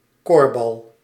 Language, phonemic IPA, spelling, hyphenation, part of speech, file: Dutch, /ˈkoːr.bɑl/, corpsbal, corps‧bal, noun, Nl-corpsbal.ogg
- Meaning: frat boy, stereotypical haughty or foppish student belonging to a student society (generally male)